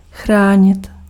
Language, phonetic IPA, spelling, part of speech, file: Czech, [ˈxraːɲɪt], chránit, verb, Cs-chránit.ogg
- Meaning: to protect